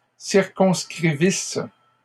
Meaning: first-person singular imperfect subjunctive of circonscrire
- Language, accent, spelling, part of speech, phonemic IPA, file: French, Canada, circonscrivisse, verb, /siʁ.kɔ̃s.kʁi.vis/, LL-Q150 (fra)-circonscrivisse.wav